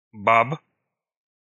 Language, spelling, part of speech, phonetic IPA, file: Russian, баб, noun, [bap], Ru-баб.ogg
- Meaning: inflection of ба́ба (bába): 1. genitive plural 2. animate accusative plural 3. vocative singular